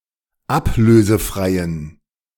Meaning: inflection of ablösefrei: 1. strong genitive masculine/neuter singular 2. weak/mixed genitive/dative all-gender singular 3. strong/weak/mixed accusative masculine singular 4. strong dative plural
- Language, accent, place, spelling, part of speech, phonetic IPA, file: German, Germany, Berlin, ablösefreien, adjective, [ˈapløːzəˌfʁaɪ̯ən], De-ablösefreien.ogg